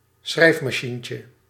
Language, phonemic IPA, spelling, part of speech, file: Dutch, /ˈsxrɛifmɑˌʃiɲcə/, schrijfmachientje, noun, Nl-schrijfmachientje.ogg
- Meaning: diminutive of schrijfmachine